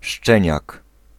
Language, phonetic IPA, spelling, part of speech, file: Polish, [ˈʃt͡ʃɛ̃ɲak], szczeniak, noun, Pl-szczeniak.ogg